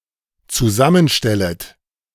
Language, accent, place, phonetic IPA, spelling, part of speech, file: German, Germany, Berlin, [t͡suˈzamənˌʃtɛlət], zusammenstellet, verb, De-zusammenstellet.ogg
- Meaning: second-person plural dependent subjunctive I of zusammenstellen